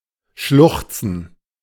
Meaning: to sob
- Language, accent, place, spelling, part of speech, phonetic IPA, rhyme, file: German, Germany, Berlin, schluchzen, verb, [ˈʃlʊxt͡sn̩], -ʊxt͡sn̩, De-schluchzen.ogg